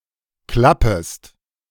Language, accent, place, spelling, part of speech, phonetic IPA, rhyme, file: German, Germany, Berlin, klappest, verb, [ˈklapəst], -apəst, De-klappest.ogg
- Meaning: second-person singular subjunctive I of klappen